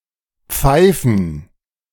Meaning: 1. gerund of pfeifen 2. plural of Pfeife
- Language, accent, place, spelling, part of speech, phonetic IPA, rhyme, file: German, Germany, Berlin, Pfeifen, noun, [ˈp͡faɪ̯fn̩], -aɪ̯fn̩, De-Pfeifen.ogg